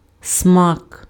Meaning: taste
- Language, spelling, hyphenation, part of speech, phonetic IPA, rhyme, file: Ukrainian, смак, смак, noun, [smak], -ak, Uk-смак.ogg